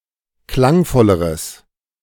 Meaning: strong/mixed nominative/accusative neuter singular comparative degree of klangvoll
- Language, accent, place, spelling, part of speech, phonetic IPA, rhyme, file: German, Germany, Berlin, klangvolleres, adjective, [ˈklaŋˌfɔləʁəs], -aŋfɔləʁəs, De-klangvolleres.ogg